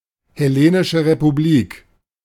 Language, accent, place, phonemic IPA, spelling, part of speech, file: German, Germany, Berlin, /hɛˌleːnɪʃəʁepuˈbliːk/, Hellenische Republik, proper noun, De-Hellenische Republik.ogg
- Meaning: Hellenic Republic (official name of Greece: a country in Southeastern Europe)